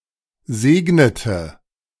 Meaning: inflection of segnen: 1. first/third-person singular preterite 2. first/third-person singular subjunctive II
- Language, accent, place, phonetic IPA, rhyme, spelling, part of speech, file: German, Germany, Berlin, [ˈzeːɡnətə], -eːɡnətə, segnete, verb, De-segnete.ogg